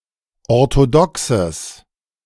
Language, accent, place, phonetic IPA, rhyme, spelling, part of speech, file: German, Germany, Berlin, [ɔʁtoˈdɔksəs], -ɔksəs, orthodoxes, adjective, De-orthodoxes.ogg
- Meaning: strong/mixed nominative/accusative neuter singular of orthodox